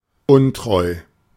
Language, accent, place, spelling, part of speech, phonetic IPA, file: German, Germany, Berlin, untreu, adjective, [ˈʊntʁɔɪ̯], De-untreu.ogg
- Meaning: unfaithful